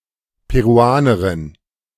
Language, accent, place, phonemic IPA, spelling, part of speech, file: German, Germany, Berlin, /peʁuˈaːnɐʁɪn/, Peruanerin, noun, De-Peruanerin.ogg
- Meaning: Peruvian (female person from Peru)